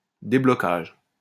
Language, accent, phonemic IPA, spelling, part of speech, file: French, France, /de.blɔ.kaʒ/, déblocage, noun, LL-Q150 (fra)-déblocage.wav
- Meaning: unblocking (action of unblocking something)